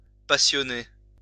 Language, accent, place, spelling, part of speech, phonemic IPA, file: French, France, Lyon, passionner, verb, /pa.sjɔ.ne/, LL-Q150 (fra)-passionner.wav
- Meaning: 1. to impassionate, to motivate 2. to take an avid interest